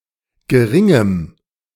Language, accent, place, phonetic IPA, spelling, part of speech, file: German, Germany, Berlin, [ɡəˈʁɪŋəm], geringem, adjective, De-geringem.ogg
- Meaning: strong dative masculine/neuter singular of gering